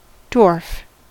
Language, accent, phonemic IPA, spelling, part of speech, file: English, US, /dwɔɹf/, dwarf, noun / adjective / verb, En-us-dwarf.ogg